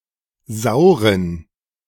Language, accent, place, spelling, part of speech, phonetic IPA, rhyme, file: German, Germany, Berlin, sauren, adjective, [ˈzaʊ̯ʁən], -aʊ̯ʁən, De-sauren.ogg
- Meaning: inflection of sauer: 1. strong genitive masculine/neuter singular 2. weak/mixed genitive/dative all-gender singular 3. strong/weak/mixed accusative masculine singular 4. strong dative plural